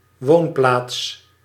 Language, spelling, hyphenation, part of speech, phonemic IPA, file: Dutch, woonplaats, woon‧plaats, noun, /ˈʋoːn.plaːts/, Nl-woonplaats.ogg
- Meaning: 1. any group of houses with a distinct name and identity, regardless of size; includes hamlets, villages, towns, cities and so on 2. habitat, place of residence